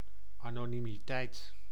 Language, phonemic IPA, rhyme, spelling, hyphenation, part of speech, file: Dutch, /ˌaː.noː.ni.miˈtɛi̯t/, -ɛi̯t, anonimiteit, ano‧ni‧mi‧teit, noun, Nl-anonimiteit.ogg
- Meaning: anonymity (the quality or state of being anonymous)